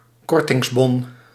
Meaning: a discount voucher
- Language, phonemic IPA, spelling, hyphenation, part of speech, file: Dutch, /ˈkɔr.tɪŋsˌbɔn/, kortingsbon, kor‧tings‧bon, noun, Nl-kortingsbon.ogg